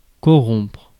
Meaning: 1. to corrupt, impair, deprave 2. to bribe
- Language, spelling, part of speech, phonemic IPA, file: French, corrompre, verb, /kɔ.ʁɔ̃pʁ/, Fr-corrompre.ogg